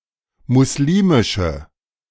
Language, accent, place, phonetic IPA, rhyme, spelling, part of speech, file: German, Germany, Berlin, [mʊsˈliːmɪʃə], -iːmɪʃə, muslimische, adjective, De-muslimische.ogg
- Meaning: inflection of muslimisch: 1. strong/mixed nominative/accusative feminine singular 2. strong nominative/accusative plural 3. weak nominative all-gender singular